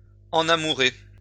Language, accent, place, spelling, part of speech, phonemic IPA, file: French, France, Lyon, enamourer, verb, /ɑ̃.na.mu.ʁe/, LL-Q150 (fra)-enamourer.wav
- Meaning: to fall in love